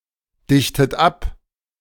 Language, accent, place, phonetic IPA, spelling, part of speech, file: German, Germany, Berlin, [ˌdɪçtət ˈap], dichtet ab, verb, De-dichtet ab.ogg
- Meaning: inflection of abdichten: 1. third-person singular present 2. second-person plural present 3. second-person plural subjunctive I 4. plural imperative